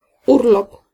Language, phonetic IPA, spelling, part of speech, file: Polish, [ˈurlɔp], urlop, noun, Pl-urlop.ogg